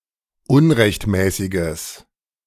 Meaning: strong/mixed nominative/accusative neuter singular of unrechtmäßig
- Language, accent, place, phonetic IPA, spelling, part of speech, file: German, Germany, Berlin, [ˈʊnʁɛçtˌmɛːsɪɡəs], unrechtmäßiges, adjective, De-unrechtmäßiges.ogg